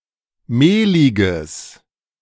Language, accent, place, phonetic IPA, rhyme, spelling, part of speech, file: German, Germany, Berlin, [ˈmeːlɪɡəs], -eːlɪɡəs, mehliges, adjective, De-mehliges.ogg
- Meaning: strong/mixed nominative/accusative neuter singular of mehlig